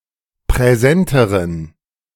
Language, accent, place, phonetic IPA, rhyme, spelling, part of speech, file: German, Germany, Berlin, [pʁɛˈzɛntəʁən], -ɛntəʁən, präsenteren, adjective, De-präsenteren.ogg
- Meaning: inflection of präsent: 1. strong genitive masculine/neuter singular comparative degree 2. weak/mixed genitive/dative all-gender singular comparative degree